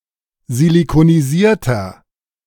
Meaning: inflection of silikonisiert: 1. strong/mixed nominative masculine singular 2. strong genitive/dative feminine singular 3. strong genitive plural
- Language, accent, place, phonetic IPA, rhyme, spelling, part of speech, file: German, Germany, Berlin, [zilikoniˈziːɐ̯tɐ], -iːɐ̯tɐ, silikonisierter, adjective, De-silikonisierter.ogg